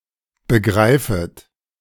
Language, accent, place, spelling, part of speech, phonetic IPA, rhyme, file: German, Germany, Berlin, begreifet, verb, [bəˈɡʁaɪ̯fət], -aɪ̯fət, De-begreifet.ogg
- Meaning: second-person plural subjunctive I of begreifen